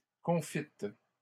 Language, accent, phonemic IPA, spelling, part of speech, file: French, Canada, /kɔ̃.fit/, confite, adjective, LL-Q150 (fra)-confite.wav
- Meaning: feminine singular of confit